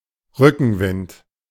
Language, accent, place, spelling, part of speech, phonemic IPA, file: German, Germany, Berlin, Rückenwind, noun, /ˈʁʏkn̩ˌvɪnt/, De-Rückenwind.ogg
- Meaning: tailwind